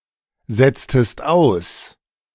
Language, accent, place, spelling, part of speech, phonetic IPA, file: German, Germany, Berlin, setztest aus, verb, [ˌzɛt͡stəst ˈaʊ̯s], De-setztest aus.ogg
- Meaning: inflection of aussetzen: 1. second-person singular preterite 2. second-person singular subjunctive II